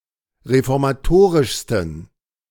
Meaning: 1. superlative degree of reformatorisch 2. inflection of reformatorisch: strong genitive masculine/neuter singular superlative degree
- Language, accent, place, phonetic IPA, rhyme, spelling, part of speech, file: German, Germany, Berlin, [ʁefɔʁmaˈtoːʁɪʃstn̩], -oːʁɪʃstn̩, reformatorischsten, adjective, De-reformatorischsten.ogg